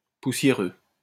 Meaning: 1. dusty 2. fusty, old-fashioned
- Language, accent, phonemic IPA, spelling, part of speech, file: French, France, /pu.sje.ʁø/, poussiéreux, adjective, LL-Q150 (fra)-poussiéreux.wav